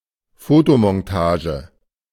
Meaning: photomontage
- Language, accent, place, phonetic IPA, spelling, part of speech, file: German, Germany, Berlin, [ˈfoːtomɔnˌtaːʒə], Fotomontage, noun, De-Fotomontage.ogg